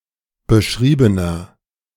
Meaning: inflection of beschrieben: 1. strong/mixed nominative masculine singular 2. strong genitive/dative feminine singular 3. strong genitive plural
- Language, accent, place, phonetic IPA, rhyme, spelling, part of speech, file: German, Germany, Berlin, [bəˈʃʁiːbənɐ], -iːbənɐ, beschriebener, adjective, De-beschriebener.ogg